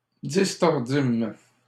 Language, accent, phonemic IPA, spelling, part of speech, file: French, Canada, /dis.tɔʁ.dim/, distordîmes, verb, LL-Q150 (fra)-distordîmes.wav
- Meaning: first-person plural past historic of distordre